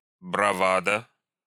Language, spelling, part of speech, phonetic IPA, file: Russian, бравада, noun, [brɐˈvadə], Ru-бравада.ogg
- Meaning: bravado